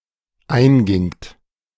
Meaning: second-person plural dependent preterite of eingehen
- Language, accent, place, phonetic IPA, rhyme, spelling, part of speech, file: German, Germany, Berlin, [ˈaɪ̯nˌɡɪŋt], -aɪ̯nɡɪŋt, eingingt, verb, De-eingingt.ogg